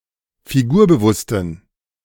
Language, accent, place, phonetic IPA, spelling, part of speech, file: German, Germany, Berlin, [fiˈɡuːɐ̯bəˌvʊstn̩], figurbewussten, adjective, De-figurbewussten.ogg
- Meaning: inflection of figurbewusst: 1. strong genitive masculine/neuter singular 2. weak/mixed genitive/dative all-gender singular 3. strong/weak/mixed accusative masculine singular 4. strong dative plural